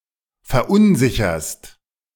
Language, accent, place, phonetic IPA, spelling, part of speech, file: German, Germany, Berlin, [fɛɐ̯ˈʔʊnˌzɪçɐst], verunsicherst, verb, De-verunsicherst.ogg
- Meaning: second-person singular present of verunsichern